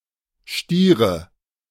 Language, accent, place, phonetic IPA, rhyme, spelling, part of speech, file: German, Germany, Berlin, [ˈʃtiːʁə], -iːʁə, stiere, adjective / verb, De-stiere.ogg
- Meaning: inflection of stieren: 1. first-person singular present 2. first/third-person singular subjunctive I 3. singular imperative